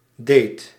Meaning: second-person (gij) singular past indicative of doen
- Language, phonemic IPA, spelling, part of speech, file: Dutch, /deːt/, deedt, verb, Nl-deedt.ogg